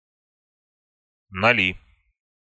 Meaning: nominative/accusative plural of ноль (nolʹ)
- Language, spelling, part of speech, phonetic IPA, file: Russian, ноли, noun, [nɐˈlʲi], Ru-ноли.ogg